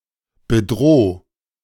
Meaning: 1. singular imperative of bedrohen 2. first-person singular present of bedrohen
- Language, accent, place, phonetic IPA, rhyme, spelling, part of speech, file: German, Germany, Berlin, [bəˈdʁoː], -oː, bedroh, verb, De-bedroh.ogg